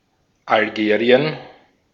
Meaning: Algeria (a country in North Africa)
- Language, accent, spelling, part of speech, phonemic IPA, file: German, Austria, Algerien, proper noun, /alˈɡeːʁi̯ən/, De-at-Algerien.ogg